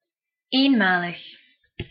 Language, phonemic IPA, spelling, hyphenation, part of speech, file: Dutch, /ˌeːnˈmaː.ləx/, eenmalig, een‧ma‧lig, adjective, Nl-eenmalig.ogg
- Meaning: one-time, one-off (occurring only once)